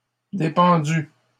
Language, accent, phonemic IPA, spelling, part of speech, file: French, Canada, /de.pɑ̃.dy/, dépendu, verb, LL-Q150 (fra)-dépendu.wav
- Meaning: past participle of dépendre